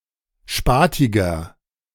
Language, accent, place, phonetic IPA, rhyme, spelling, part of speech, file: German, Germany, Berlin, [ˈʃpaːtɪɡɐ], -aːtɪɡɐ, spatiger, adjective, De-spatiger.ogg
- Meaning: inflection of spatig: 1. strong/mixed nominative masculine singular 2. strong genitive/dative feminine singular 3. strong genitive plural